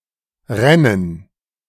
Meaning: first/third-person plural subjunctive II of rinnen
- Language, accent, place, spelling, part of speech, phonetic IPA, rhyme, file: German, Germany, Berlin, rännen, verb, [ˈʁɛnən], -ɛnən, De-rännen.ogg